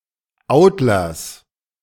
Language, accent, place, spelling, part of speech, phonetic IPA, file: German, Germany, Berlin, Autlers, noun, [ˈaʊ̯tlɐs], De-Autlers.ogg
- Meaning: genitive singular of Autler